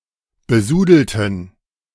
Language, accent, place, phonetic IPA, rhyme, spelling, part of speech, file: German, Germany, Berlin, [bəˈzuːdl̩tn̩], -uːdl̩tn̩, besudelten, adjective / verb, De-besudelten.ogg
- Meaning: inflection of besudeln: 1. first/third-person plural preterite 2. first/third-person plural subjunctive II